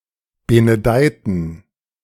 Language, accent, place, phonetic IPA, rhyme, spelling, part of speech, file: German, Germany, Berlin, [ˌbenəˈdaɪ̯tn̩], -aɪ̯tn̩, benedeiten, adjective / verb, De-benedeiten.ogg
- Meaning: inflection of benedeien: 1. first/third-person plural preterite 2. first/third-person plural subjunctive II